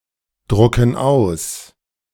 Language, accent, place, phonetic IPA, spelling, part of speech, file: German, Germany, Berlin, [ˌdʁʊkn̩ ˈaʊ̯s], drucken aus, verb, De-drucken aus.ogg
- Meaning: inflection of ausdrucken: 1. first/third-person plural present 2. first/third-person plural subjunctive I